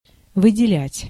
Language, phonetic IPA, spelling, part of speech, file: Russian, [vɨdʲɪˈlʲætʲ], выделять, verb, Ru-выделять.ogg
- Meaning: 1. to pick out, to choose, to single out, to select 2. to allot, to mark 3. to detach, to find, to provide (a military unit) 4. to apportion 5. to mark out, to distinguish, to emphasize